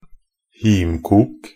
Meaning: moonshine (high-proof alcohol that is often produced illegally)
- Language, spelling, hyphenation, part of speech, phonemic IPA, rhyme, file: Norwegian Bokmål, himkok, him‧kok, noun, /ˈhiːmkuːk/, -uːk, Nb-himkok.ogg